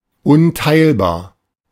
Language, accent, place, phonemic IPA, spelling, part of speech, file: German, Germany, Berlin, /ˌʊnˈtaɪ̯lbaːɐ̯/, unteilbar, adjective, De-unteilbar.ogg
- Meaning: indivisible